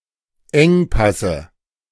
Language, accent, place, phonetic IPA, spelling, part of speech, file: German, Germany, Berlin, [ˈɛŋˌpasə], Engpasse, noun, De-Engpasse.ogg
- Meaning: dative singular of Engpass